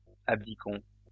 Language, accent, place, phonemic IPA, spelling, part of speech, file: French, France, Lyon, /ab.di.kɔ̃/, abdiquons, verb, LL-Q150 (fra)-abdiquons.wav
- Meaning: inflection of abdiquer: 1. first-person plural present indicative 2. first-person plural imperative